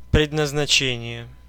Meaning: destination, predestination, purpose, designation
- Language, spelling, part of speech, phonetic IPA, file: Russian, предназначение, noun, [prʲɪdnəznɐˈt͡ɕenʲɪje], Ru-предназначение.ogg